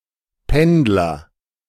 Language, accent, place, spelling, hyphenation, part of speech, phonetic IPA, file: German, Germany, Berlin, Pendler, Pend‧ler, noun, [ˈpɛndlɐ], De-Pendler.ogg
- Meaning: commuter (male or of unspecified gender), a person that works in one town but lives in another